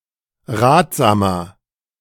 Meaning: 1. comparative degree of ratsam 2. inflection of ratsam: strong/mixed nominative masculine singular 3. inflection of ratsam: strong genitive/dative feminine singular
- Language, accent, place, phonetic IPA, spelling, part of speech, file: German, Germany, Berlin, [ˈʁaːtz̥aːmɐ], ratsamer, adjective, De-ratsamer.ogg